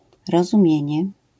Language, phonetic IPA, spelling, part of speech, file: Polish, [ˌrɔzũˈmʲjɛ̇̃ɲɛ], rozumienie, noun, LL-Q809 (pol)-rozumienie.wav